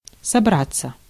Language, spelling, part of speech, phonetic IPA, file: Russian, собраться, verb, [sɐˈbrat͡sːə], Ru-собраться.ogg
- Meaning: 1. to gather, to assemble mutually reflexive 2. to be about, to make up one's mind, to be going, to intend, to be on the point 3. to prepare, to be ready to start, to set out